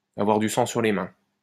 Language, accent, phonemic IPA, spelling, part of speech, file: French, France, /a.vwaʁ dy sɑ̃ syʁ le mɛ̃/, avoir du sang sur les mains, verb, LL-Q150 (fra)-avoir du sang sur les mains.wav
- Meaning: to have blood on one's hands